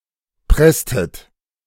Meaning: inflection of pressen: 1. second-person plural preterite 2. second-person plural subjunctive II
- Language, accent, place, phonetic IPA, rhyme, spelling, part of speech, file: German, Germany, Berlin, [ˈpʁɛstət], -ɛstət, presstet, verb, De-presstet.ogg